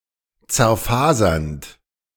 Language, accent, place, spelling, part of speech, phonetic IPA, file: German, Germany, Berlin, zerfasernd, verb, [t͡sɛɐ̯ˈfaːzɐnt], De-zerfasernd.ogg
- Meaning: present participle of zerfasern